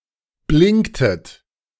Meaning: inflection of blinken: 1. second-person plural preterite 2. second-person plural subjunctive II
- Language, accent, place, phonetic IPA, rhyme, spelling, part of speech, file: German, Germany, Berlin, [ˈblɪŋktət], -ɪŋktət, blinktet, verb, De-blinktet.ogg